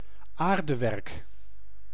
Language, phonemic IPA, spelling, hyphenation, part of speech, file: Dutch, /ˈaːr.dəˌʋɛrk/, aardewerk, aar‧de‧werk, noun / adjective, Nl-aardewerk.ogg
- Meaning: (noun) earthenware